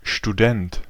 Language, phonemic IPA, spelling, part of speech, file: German, /ʃtuˈdɛnt/, Student, noun, De-Student.ogg
- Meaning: student (person attending lectures at a university; male or of unspecified sex)